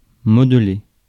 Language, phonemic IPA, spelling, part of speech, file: French, /mɔd.le/, modeler, verb, Fr-modeler.ogg
- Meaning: 1. to model, to mould (physically change the shape of) 2. to shape (e.g. a character)